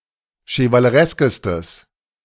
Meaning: strong/mixed nominative/accusative neuter singular superlative degree of chevaleresk
- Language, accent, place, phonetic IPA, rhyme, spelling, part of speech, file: German, Germany, Berlin, [ʃəvaləˈʁɛskəstəs], -ɛskəstəs, chevalereskestes, adjective, De-chevalereskestes.ogg